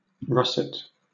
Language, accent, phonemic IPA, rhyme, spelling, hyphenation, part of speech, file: English, Southern England, /ˈɹʌsɪt/, -ʌsɪt, russet, rus‧set, noun / adjective / verb, LL-Q1860 (eng)-russet.wav
- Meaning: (noun) 1. A reddish-brown color 2. A coarse, reddish-brown, homespun fabric; clothes made with such fabric 3. A variety of apple with rough, russet-colored skin